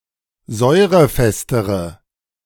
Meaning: inflection of säurefest: 1. strong/mixed nominative/accusative feminine singular comparative degree 2. strong nominative/accusative plural comparative degree
- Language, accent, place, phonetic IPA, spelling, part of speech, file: German, Germany, Berlin, [ˈzɔɪ̯ʁəˌfɛstəʁə], säurefestere, adjective, De-säurefestere.ogg